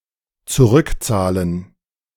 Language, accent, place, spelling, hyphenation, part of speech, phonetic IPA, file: German, Germany, Berlin, zurückzahlen, zu‧rück‧zah‧len, verb, [t͡suˈʁʏkˌt͡saːlən], De-zurückzahlen.ogg
- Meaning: 1. to pay back, to repay, to refund 2. to pay back, to avenge